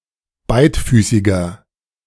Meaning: inflection of beidfüßig: 1. strong/mixed nominative masculine singular 2. strong genitive/dative feminine singular 3. strong genitive plural
- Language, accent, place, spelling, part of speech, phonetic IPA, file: German, Germany, Berlin, beidfüßiger, adjective, [ˈbaɪ̯tˌfyːsɪɡɐ], De-beidfüßiger.ogg